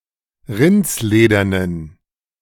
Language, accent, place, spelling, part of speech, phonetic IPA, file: German, Germany, Berlin, rindsledernen, adjective, [ˈʁɪnt͡sˌleːdɐnən], De-rindsledernen.ogg
- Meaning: inflection of rindsledern: 1. strong genitive masculine/neuter singular 2. weak/mixed genitive/dative all-gender singular 3. strong/weak/mixed accusative masculine singular 4. strong dative plural